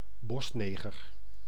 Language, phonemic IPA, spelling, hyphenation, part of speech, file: Dutch, /ˈbɔsˌneː.ɣər/, bosneger, bos‧ne‧ger, noun, Nl-bosneger.ogg
- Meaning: Maroon